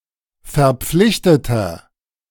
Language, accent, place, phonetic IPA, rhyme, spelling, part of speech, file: German, Germany, Berlin, [fɛɐ̯ˈp͡flɪçtətɐ], -ɪçtətɐ, verpflichteter, adjective, De-verpflichteter.ogg
- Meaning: inflection of verpflichtet: 1. strong/mixed nominative masculine singular 2. strong genitive/dative feminine singular 3. strong genitive plural